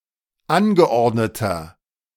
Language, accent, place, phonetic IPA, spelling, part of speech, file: German, Germany, Berlin, [ˈanɡəˌʔɔʁdnətɐ], angeordneter, adjective, De-angeordneter.ogg
- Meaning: inflection of angeordnet: 1. strong/mixed nominative masculine singular 2. strong genitive/dative feminine singular 3. strong genitive plural